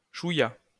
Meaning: little, bit
- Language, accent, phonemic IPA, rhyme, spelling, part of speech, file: French, France, /ʃu.ja/, -ja, chouïa, adverb, LL-Q150 (fra)-chouïa.wav